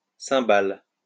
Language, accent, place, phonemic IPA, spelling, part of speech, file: French, France, Lyon, /sɛ̃.bal/, cymbale, noun, LL-Q150 (fra)-cymbale.wav
- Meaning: cymbal